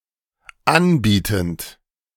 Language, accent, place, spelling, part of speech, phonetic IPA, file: German, Germany, Berlin, anbietend, verb, [ˈanˌbiːtn̩t], De-anbietend.ogg
- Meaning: present participle of anbieten